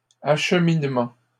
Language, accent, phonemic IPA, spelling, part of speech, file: French, Canada, /aʃ.min.mɑ̃/, acheminement, noun, LL-Q150 (fra)-acheminement.wav
- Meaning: delivery, transporting